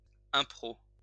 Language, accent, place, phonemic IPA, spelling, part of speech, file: French, France, Lyon, /ɛ̃.pʁo/, impro, noun, LL-Q150 (fra)-impro.wav
- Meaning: improv